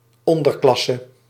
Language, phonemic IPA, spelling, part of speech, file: Dutch, /ˈɔndərˌklɑsə/, onderklasse, noun, Nl-onderklasse.ogg
- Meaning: 1. underclass 2. subclass